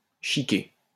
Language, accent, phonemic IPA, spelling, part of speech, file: French, France, /ʃi.ke/, chiquer, verb, LL-Q150 (fra)-chiquer.wav
- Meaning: 1. to chew tobacco 2. to chew gum